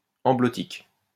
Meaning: amblotic
- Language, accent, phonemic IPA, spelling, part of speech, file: French, France, /ɑ̃.blɔ.tik/, amblotique, adjective, LL-Q150 (fra)-amblotique.wav